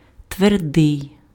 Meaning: 1. hard, solid 2. hard, unpalatalized
- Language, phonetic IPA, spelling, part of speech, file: Ukrainian, [tʋerˈdɪi̯], твердий, adjective, Uk-твердий.ogg